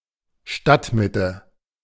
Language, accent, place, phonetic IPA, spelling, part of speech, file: German, Germany, Berlin, [ˈʃtatmɪtə], Stadtmitte, noun, De-Stadtmitte.ogg
- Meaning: city center, downtown